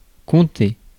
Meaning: 1. to count 2. to reckon, allow 3. to include; to comprise, to consist of 4. to comprise, to consist of 5. to matter 6. to intend, plan 7. to count on
- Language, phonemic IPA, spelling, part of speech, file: French, /kɔ̃.te/, compter, verb, Fr-compter.ogg